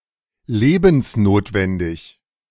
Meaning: 1. vital, necessary for life 2. essential, indispensable
- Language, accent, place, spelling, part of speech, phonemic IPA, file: German, Germany, Berlin, lebensnotwendig, adjective, /leː.bəns.noːt.vɛn.dɪç/, De-lebensnotwendig.ogg